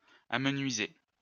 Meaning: 1. to make thinner 2. to thin out 3. to get slimmer; to slim 4. to dwindle; to run low
- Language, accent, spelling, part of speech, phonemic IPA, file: French, France, amenuiser, verb, /a.mə.nɥi.ze/, LL-Q150 (fra)-amenuiser.wav